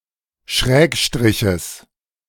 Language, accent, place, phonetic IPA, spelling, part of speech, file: German, Germany, Berlin, [ˈʃʁɛːkˌʃtʁɪçəs], Schrägstriches, noun, De-Schrägstriches.ogg
- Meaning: genitive of Schrägstrich